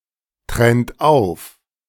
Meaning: inflection of auftrennen: 1. second-person plural present 2. third-person singular present 3. plural imperative
- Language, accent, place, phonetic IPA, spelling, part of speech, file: German, Germany, Berlin, [ˌtʁɛnt ˈaʊ̯f], trennt auf, verb, De-trennt auf.ogg